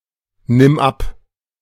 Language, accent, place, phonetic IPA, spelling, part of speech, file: German, Germany, Berlin, [ˌnɪm ˈap], nimm ab, verb, De-nimm ab.ogg
- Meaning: singular imperative of abnehmen